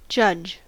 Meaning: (noun) A public official whose duty it is to administer the law, especially by presiding over trials and rendering judgments; a justice
- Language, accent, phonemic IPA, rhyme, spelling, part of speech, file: English, US, /d͡ʒʌd͡ʒ/, -ʌdʒ, judge, noun / verb, En-us-judge.ogg